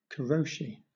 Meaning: Death, such as from heart attack or stroke, brought on by overwork or job-related stress
- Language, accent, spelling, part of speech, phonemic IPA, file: English, Southern England, karoshi, noun, /kəˈɹəʊʃi/, LL-Q1860 (eng)-karoshi.wav